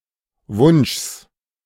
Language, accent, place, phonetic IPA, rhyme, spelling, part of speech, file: German, Germany, Berlin, [vʊnʃs], -ʊnʃs, Wunschs, noun, De-Wunschs.ogg
- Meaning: genitive singular of Wunsch